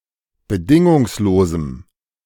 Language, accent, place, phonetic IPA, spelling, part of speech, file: German, Germany, Berlin, [bəˈdɪŋʊŋsloːzm̩], bedingungslosem, adjective, De-bedingungslosem.ogg
- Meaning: strong dative masculine/neuter singular of bedingungslos